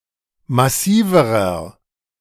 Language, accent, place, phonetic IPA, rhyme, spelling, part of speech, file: German, Germany, Berlin, [maˈsiːvəʁɐ], -iːvəʁɐ, massiverer, adjective, De-massiverer.ogg
- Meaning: inflection of massiv: 1. strong/mixed nominative masculine singular comparative degree 2. strong genitive/dative feminine singular comparative degree 3. strong genitive plural comparative degree